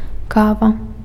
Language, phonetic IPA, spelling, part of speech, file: Belarusian, [ˈkava], кава, noun, Be-кава.ogg
- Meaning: coffee (beverage)